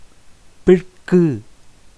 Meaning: 1. Posteriority in time or place 2. Rain
- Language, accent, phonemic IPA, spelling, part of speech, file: Tamil, India, /pɪrkɯ/, பிற்கு, noun, Ta-பிற்கு.ogg